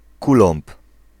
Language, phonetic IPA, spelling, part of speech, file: Polish, [ˈkulɔ̃mp], kulomb, noun, Pl-kulomb.ogg